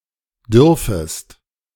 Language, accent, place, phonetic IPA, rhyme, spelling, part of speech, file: German, Germany, Berlin, [ˈdʏʁfəst], -ʏʁfəst, dürfest, verb, De-dürfest.ogg
- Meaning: second-person singular subjunctive I of dürfen